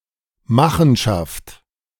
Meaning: machination
- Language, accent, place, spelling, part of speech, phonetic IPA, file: German, Germany, Berlin, Machenschaft, noun, [ˈmaxn̩ʃaft], De-Machenschaft.ogg